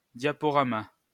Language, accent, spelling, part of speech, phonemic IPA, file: French, France, diaporama, noun, /dja.pɔ.ʁa.ma/, LL-Q150 (fra)-diaporama.wav
- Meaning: a slideshow